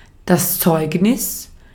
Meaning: 1. testimony, witness declaration 2. certificate, affidavit, report card
- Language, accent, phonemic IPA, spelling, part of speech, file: German, Austria, /ˈtsɔɪ̯k.nɪs/, Zeugnis, noun, De-at-Zeugnis.ogg